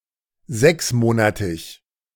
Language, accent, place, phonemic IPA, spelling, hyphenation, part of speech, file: German, Germany, Berlin, /ˈzɛksˌmoːnatɪç/, sechsmonatig, sechs‧mo‧na‧tig, adjective, De-sechsmonatig.ogg
- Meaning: six-month